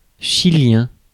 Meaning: Chilean (of, from or relating to Chile)
- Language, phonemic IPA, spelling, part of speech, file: French, /ʃi.ljɛ̃/, chilien, adjective, Fr-chilien.ogg